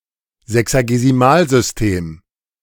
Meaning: sexagesimal, sexagenary, base 60
- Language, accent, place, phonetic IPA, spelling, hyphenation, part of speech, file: German, Germany, Berlin, [ˌzɛksaɡeziˈmaːlzʏsˌteːm], Sexagesimalsystem, Se‧xa‧ge‧si‧mal‧sys‧tem, noun, De-Sexagesimalsystem.ogg